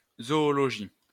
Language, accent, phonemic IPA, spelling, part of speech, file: French, France, /zɔ.ɔ.lɔ.ʒi/, zoologie, noun, LL-Q150 (fra)-zoologie.wav
- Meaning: zoology (science that studies the animal kingdom)